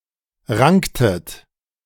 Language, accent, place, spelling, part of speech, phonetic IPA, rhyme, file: German, Germany, Berlin, ranktet, verb, [ˈʁaŋktət], -aŋktət, De-ranktet.ogg
- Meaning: inflection of ranken: 1. second-person plural preterite 2. second-person plural subjunctive II